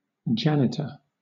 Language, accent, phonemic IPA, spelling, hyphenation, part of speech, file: English, Southern England, /ˈd͡ʒænɪtə/, janitor, jan‧i‧tor, noun, LL-Q1860 (eng)-janitor.wav
- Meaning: Someone who looks after the maintenance and cleaning of a public building